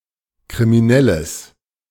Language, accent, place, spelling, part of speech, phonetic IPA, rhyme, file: German, Germany, Berlin, kriminelles, adjective, [kʁimiˈnɛləs], -ɛləs, De-kriminelles.ogg
- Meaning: strong/mixed nominative/accusative neuter singular of kriminell